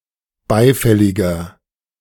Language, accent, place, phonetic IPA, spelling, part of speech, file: German, Germany, Berlin, [ˈbaɪ̯ˌfɛlɪɡɐ], beifälliger, adjective, De-beifälliger.ogg
- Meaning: 1. comparative degree of beifällig 2. inflection of beifällig: strong/mixed nominative masculine singular 3. inflection of beifällig: strong genitive/dative feminine singular